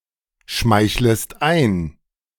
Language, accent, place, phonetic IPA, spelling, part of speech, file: German, Germany, Berlin, [ˌʃmaɪ̯çləst ˈaɪ̯n], schmeichlest ein, verb, De-schmeichlest ein.ogg
- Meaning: second-person singular subjunctive I of einschmeicheln